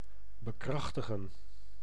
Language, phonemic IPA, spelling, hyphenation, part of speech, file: Dutch, /bəˈkrɑxtəɣə(n)/, bekrachtigen, be‧krach‧ti‧gen, verb, Nl-bekrachtigen.ogg
- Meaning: to ratify, to bring into force